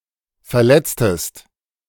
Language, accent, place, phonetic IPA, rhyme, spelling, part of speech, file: German, Germany, Berlin, [fɛɐ̯ˈlɛt͡stəst], -ɛt͡stəst, verletztest, verb, De-verletztest.ogg
- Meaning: inflection of verletzen: 1. second-person singular preterite 2. second-person singular subjunctive II